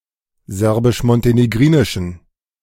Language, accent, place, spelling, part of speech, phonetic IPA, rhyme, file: German, Germany, Berlin, serbisch-montenegrinischen, adjective, [ˌzɛʁbɪʃmɔnteneˈɡʁiːnɪʃn̩], -iːnɪʃn̩, De-serbisch-montenegrinischen.ogg
- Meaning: inflection of serbisch-montenegrinisch: 1. strong genitive masculine/neuter singular 2. weak/mixed genitive/dative all-gender singular 3. strong/weak/mixed accusative masculine singular